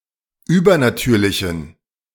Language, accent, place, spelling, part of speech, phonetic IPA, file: German, Germany, Berlin, übernatürlichen, adjective, [ˈyːbɐnaˌtyːɐ̯lɪçn̩], De-übernatürlichen.ogg
- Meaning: inflection of übernatürlich: 1. strong genitive masculine/neuter singular 2. weak/mixed genitive/dative all-gender singular 3. strong/weak/mixed accusative masculine singular 4. strong dative plural